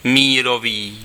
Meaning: peace
- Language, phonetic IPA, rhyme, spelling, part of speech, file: Czech, [ˈmiːroviː], -oviː, mírový, adjective, Cs-mírový.ogg